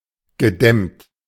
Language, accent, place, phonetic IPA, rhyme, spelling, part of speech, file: German, Germany, Berlin, [ɡəˈdɛmt], -ɛmt, gedämmt, adjective / verb, De-gedämmt.ogg
- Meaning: past participle of dämmen